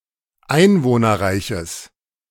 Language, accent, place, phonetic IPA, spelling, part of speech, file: German, Germany, Berlin, [ˈaɪ̯nvoːnɐˌʁaɪ̯çəs], einwohnerreiches, adjective, De-einwohnerreiches.ogg
- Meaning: strong/mixed nominative/accusative neuter singular of einwohnerreich